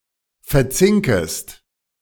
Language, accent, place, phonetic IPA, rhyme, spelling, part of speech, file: German, Germany, Berlin, [fɛɐ̯ˈt͡sɪŋkəst], -ɪŋkəst, verzinkest, verb, De-verzinkest.ogg
- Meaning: second-person singular subjunctive I of verzinken